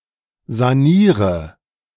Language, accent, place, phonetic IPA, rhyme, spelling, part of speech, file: German, Germany, Berlin, [zaˈniːʁə], -iːʁə, saniere, verb, De-saniere.ogg
- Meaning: inflection of sanieren: 1. first-person singular present 2. singular imperative 3. first/third-person singular subjunctive I